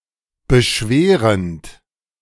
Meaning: present participle of beschweren
- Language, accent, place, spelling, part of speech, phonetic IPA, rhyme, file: German, Germany, Berlin, beschwerend, verb, [bəˈʃveːʁənt], -eːʁənt, De-beschwerend.ogg